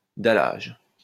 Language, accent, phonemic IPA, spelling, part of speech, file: French, France, /da.laʒ/, dallage, noun, LL-Q150 (fra)-dallage.wav
- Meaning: paving (on the pavement, etc.)